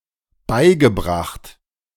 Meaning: past participle of beibringen
- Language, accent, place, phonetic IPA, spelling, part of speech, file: German, Germany, Berlin, [ˈbaɪ̯ɡəˌbʁaxt], beigebracht, verb, De-beigebracht.ogg